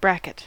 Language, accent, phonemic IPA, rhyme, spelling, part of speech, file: English, US, /ˈbɹækɪt/, -ækɪt, bracket, noun / verb, En-us-bracket.ogg
- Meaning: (noun) 1. A fixture attached to a wall to hold up a shelf 2. Any intermediate object that connects a smaller part to a larger part, the smaller part typically projecting sideways from the larger part